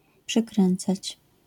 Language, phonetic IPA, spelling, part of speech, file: Polish, [pʃɨˈkrɛ̃nt͡sat͡ɕ], przykręcać, verb, LL-Q809 (pol)-przykręcać.wav